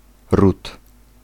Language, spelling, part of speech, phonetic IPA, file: Polish, ród, noun, [rut], Pl-ród.ogg